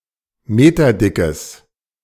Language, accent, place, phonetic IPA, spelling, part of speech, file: German, Germany, Berlin, [ˈmeːtɐˌdɪkəs], meterdickes, adjective, De-meterdickes.ogg
- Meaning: strong/mixed nominative/accusative neuter singular of meterdick